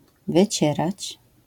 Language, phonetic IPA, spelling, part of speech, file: Polish, [vɨˈt͡ɕɛrat͡ɕ], wycierać, verb, LL-Q809 (pol)-wycierać.wav